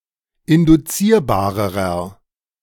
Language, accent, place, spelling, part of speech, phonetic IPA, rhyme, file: German, Germany, Berlin, induzierbarerer, adjective, [ɪndʊˈt͡siːɐ̯baːʁəʁɐ], -iːɐ̯baːʁəʁɐ, De-induzierbarerer.ogg
- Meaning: inflection of induzierbar: 1. strong/mixed nominative masculine singular comparative degree 2. strong genitive/dative feminine singular comparative degree 3. strong genitive plural comparative degree